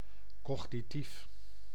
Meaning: cognitive (mental functions)
- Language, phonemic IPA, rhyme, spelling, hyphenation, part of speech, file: Dutch, /ˌkɔx.niˈtif/, -if, cognitief, cog‧ni‧tief, adjective, Nl-cognitief.ogg